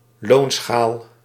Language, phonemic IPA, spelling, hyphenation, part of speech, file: Dutch, /ˈloːn.sxaːl/, loonschaal, loon‧schaal, noun, Nl-loonschaal.ogg
- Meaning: pay grade